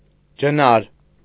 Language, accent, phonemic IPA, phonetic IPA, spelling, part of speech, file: Armenian, Eastern Armenian, /d͡ʒəˈnɑɾ/, [d͡ʒənɑ́ɾ], ջնար, noun, Hy-ջնար.ogg
- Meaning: a kind of lyre